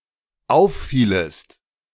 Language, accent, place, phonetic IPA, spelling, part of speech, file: German, Germany, Berlin, [ˈaʊ̯fˌfiːləst], auffielest, verb, De-auffielest.ogg
- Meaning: second-person singular dependent subjunctive II of auffallen